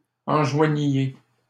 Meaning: inflection of enjoindre: 1. second-person plural imperfect indicative 2. second-person plural present subjunctive
- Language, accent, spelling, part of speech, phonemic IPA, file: French, Canada, enjoigniez, verb, /ɑ̃.ʒwa.ɲje/, LL-Q150 (fra)-enjoigniez.wav